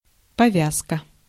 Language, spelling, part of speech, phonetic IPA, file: Russian, повязка, noun, [pɐˈvʲaskə], Ru-повязка.ogg
- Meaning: 1. bandage 2. band, armlet, fillet